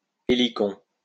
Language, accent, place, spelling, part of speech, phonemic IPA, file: French, France, Lyon, hélicon, noun, /e.li.kɔ̃/, LL-Q150 (fra)-hélicon.wav
- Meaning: helicon